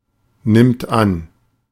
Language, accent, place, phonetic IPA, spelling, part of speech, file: German, Germany, Berlin, [ˌnɪmt ˈan], nimmt an, verb, De-nimmt an.ogg
- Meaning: third-person singular present of annehmen